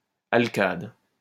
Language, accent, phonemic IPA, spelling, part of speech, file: French, France, /al.kad/, alcade, noun, LL-Q150 (fra)-alcade.wav
- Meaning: alcaide